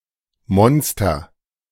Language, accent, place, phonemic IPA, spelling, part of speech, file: German, Germany, Berlin, /ˈmɔnstər/, Monster, noun, De-Monster.ogg
- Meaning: monster